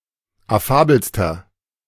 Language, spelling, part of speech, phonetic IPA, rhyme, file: German, affabelster, adjective, [aˈfaːbl̩stɐ], -aːbl̩stɐ, De-affabelster.oga
- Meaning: inflection of affabel: 1. strong/mixed nominative masculine singular superlative degree 2. strong genitive/dative feminine singular superlative degree 3. strong genitive plural superlative degree